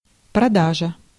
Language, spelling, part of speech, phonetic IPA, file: Russian, продажа, noun, [prɐˈdaʐə], Ru-продажа.ogg
- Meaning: sale, selling (exchange of goods or services for currency or credit)